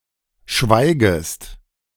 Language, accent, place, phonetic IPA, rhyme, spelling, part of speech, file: German, Germany, Berlin, [ˈʃvaɪ̯ɡəst], -aɪ̯ɡəst, schweigest, verb, De-schweigest.ogg
- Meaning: second-person singular subjunctive I of schweigen